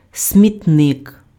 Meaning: garbage can
- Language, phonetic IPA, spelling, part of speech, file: Ukrainian, [sʲmʲitˈnɪk], смітник, noun, Uk-смітник.ogg